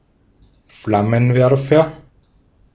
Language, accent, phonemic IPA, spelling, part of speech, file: German, Austria, /ˈflamənˌvɛʁfɐ/, Flammenwerfer, noun, De-at-Flammenwerfer.ogg
- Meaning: 1. flamethrower (weapon) 2. blowlamp; flame gun (similar device used for heating, burning out weeds, etc.)